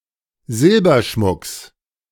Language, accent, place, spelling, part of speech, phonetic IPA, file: German, Germany, Berlin, Silberschmucks, noun, [ˈzɪlbɐˌʃmʊks], De-Silberschmucks.ogg
- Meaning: genitive singular of Silberschmuck